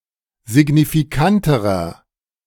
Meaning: inflection of signifikant: 1. strong/mixed nominative masculine singular comparative degree 2. strong genitive/dative feminine singular comparative degree 3. strong genitive plural comparative degree
- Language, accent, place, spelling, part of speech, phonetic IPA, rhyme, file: German, Germany, Berlin, signifikanterer, adjective, [zɪɡnifiˈkantəʁɐ], -antəʁɐ, De-signifikanterer.ogg